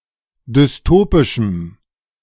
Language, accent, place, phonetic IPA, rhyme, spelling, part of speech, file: German, Germany, Berlin, [dʏsˈtoːpɪʃm̩], -oːpɪʃm̩, dystopischem, adjective, De-dystopischem.ogg
- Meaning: strong dative masculine/neuter singular of dystopisch